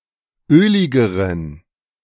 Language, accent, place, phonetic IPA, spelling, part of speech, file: German, Germany, Berlin, [ˈøːlɪɡəʁən], öligeren, adjective, De-öligeren.ogg
- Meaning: inflection of ölig: 1. strong genitive masculine/neuter singular comparative degree 2. weak/mixed genitive/dative all-gender singular comparative degree